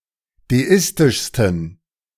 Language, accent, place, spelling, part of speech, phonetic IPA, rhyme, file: German, Germany, Berlin, deistischsten, adjective, [deˈɪstɪʃstn̩], -ɪstɪʃstn̩, De-deistischsten.ogg
- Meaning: 1. superlative degree of deistisch 2. inflection of deistisch: strong genitive masculine/neuter singular superlative degree